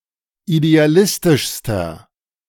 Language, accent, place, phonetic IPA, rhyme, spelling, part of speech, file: German, Germany, Berlin, [ideaˈlɪstɪʃstɐ], -ɪstɪʃstɐ, idealistischster, adjective, De-idealistischster.ogg
- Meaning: inflection of idealistisch: 1. strong/mixed nominative masculine singular superlative degree 2. strong genitive/dative feminine singular superlative degree 3. strong genitive plural superlative degree